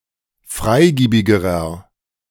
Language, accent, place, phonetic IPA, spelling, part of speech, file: German, Germany, Berlin, [ˈfʁaɪ̯ˌɡiːbɪɡəʁɐ], freigiebigerer, adjective, De-freigiebigerer.ogg
- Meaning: inflection of freigiebig: 1. strong/mixed nominative masculine singular comparative degree 2. strong genitive/dative feminine singular comparative degree 3. strong genitive plural comparative degree